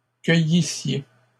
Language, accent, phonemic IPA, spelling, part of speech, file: French, Canada, /kœ.ji.sje/, cueillissiez, verb, LL-Q150 (fra)-cueillissiez.wav
- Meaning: second-person singular imperfect subjunctive of cueillir